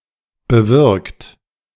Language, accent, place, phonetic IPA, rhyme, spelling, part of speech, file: German, Germany, Berlin, [bəˈvɪʁkt], -ɪʁkt, bewirkt, verb, De-bewirkt.ogg
- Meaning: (verb) past participle of bewirken; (adjective) 1. effected 2. operated 3. effectuated; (verb) inflection of bewirken: 1. third-person singular present 2. second-person plural present